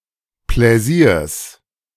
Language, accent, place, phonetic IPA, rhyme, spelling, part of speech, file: German, Germany, Berlin, [ˌplɛˈziːɐ̯s], -iːɐ̯s, Pläsiers, noun, De-Pläsiers.ogg
- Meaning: genitive singular of Pläsier